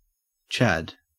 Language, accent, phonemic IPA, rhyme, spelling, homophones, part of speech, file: English, Australia, /t͡ʃæd/, -æd, chad, Chad, noun, En-au-chad.ogg
- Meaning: 1. Small pieces of paper punched out from the edges of continuous stationery, or from ballot papers, paper tape, punched cards, etc 2. One of these pieces of paper